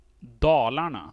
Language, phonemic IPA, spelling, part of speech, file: Swedish, /ˈdɑːlarna/, Dalarna, proper noun, Sv-Dalarna.ogg
- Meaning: a historical province and county in central Sweden, Dalecarlia